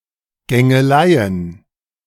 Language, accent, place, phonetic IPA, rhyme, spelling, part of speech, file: German, Germany, Berlin, [ˈɡɛŋələ], -ɛŋələ, gängele, verb, De-gängele.ogg
- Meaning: inflection of gängeln: 1. first-person singular present 2. first-person plural subjunctive I 3. third-person singular subjunctive I 4. singular imperative